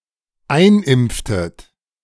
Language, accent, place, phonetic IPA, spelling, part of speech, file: German, Germany, Berlin, [ˈaɪ̯nˌʔɪmp͡ftət], einimpftet, verb, De-einimpftet.ogg
- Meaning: inflection of einimpfen: 1. second-person plural dependent preterite 2. second-person plural dependent subjunctive II